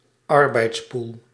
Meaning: employment pool, flex pool; usually a private business
- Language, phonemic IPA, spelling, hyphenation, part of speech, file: Dutch, /ˈɑr.bɛi̯tsˌpuːl/, arbeidspool, ar‧beids‧pool, noun, Nl-arbeidspool.ogg